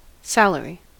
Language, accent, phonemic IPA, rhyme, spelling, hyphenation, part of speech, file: English, General American, /ˈsæləɹi/, -æləɹi, salary, sal‧a‧ry, noun / verb / adjective, En-us-salary.ogg
- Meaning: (noun) A fixed amount of money paid to a worker, usually calculated on a monthly or annual basis, not hourly, as wages. Implies a degree of professionalism and/or autonomy